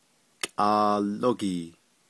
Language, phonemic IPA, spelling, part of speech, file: Navajo, /kʼɑ̀ːlókìː/, kʼaalógii, noun, Nv-kʼaalógii.ogg
- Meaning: butterfly